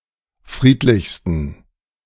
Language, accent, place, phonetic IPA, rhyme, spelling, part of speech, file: German, Germany, Berlin, [ˈfʁiːtlɪçstn̩], -iːtlɪçstn̩, friedlichsten, adjective, De-friedlichsten.ogg
- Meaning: 1. superlative degree of friedlich 2. inflection of friedlich: strong genitive masculine/neuter singular superlative degree